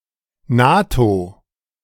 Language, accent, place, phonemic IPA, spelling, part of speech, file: German, Germany, Berlin, /ˈnaːto/, NATO, proper noun, De-NATO.ogg
- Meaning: NATO